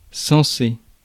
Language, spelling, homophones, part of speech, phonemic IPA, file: French, sensé, censé, adjective, /sɑ̃.se/, Fr-sensé.ogg
- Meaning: 1. sensible, rational 2. misspelling of censé